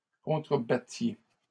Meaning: inflection of contrebattre: 1. second-person plural imperfect indicative 2. second-person plural present subjunctive
- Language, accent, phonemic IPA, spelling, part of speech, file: French, Canada, /kɔ̃.tʁə.ba.tje/, contrebattiez, verb, LL-Q150 (fra)-contrebattiez.wav